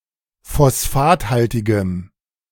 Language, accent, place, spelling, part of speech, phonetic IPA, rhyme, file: German, Germany, Berlin, phosphathaltigem, adjective, [fɔsˈfaːtˌhaltɪɡəm], -aːthaltɪɡəm, De-phosphathaltigem.ogg
- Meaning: strong dative masculine/neuter singular of phosphathaltig